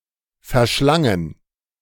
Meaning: first/third-person plural preterite of verschlingen
- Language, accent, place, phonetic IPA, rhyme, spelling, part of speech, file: German, Germany, Berlin, [fɛɐ̯ˈʃlaŋən], -aŋən, verschlangen, verb, De-verschlangen.ogg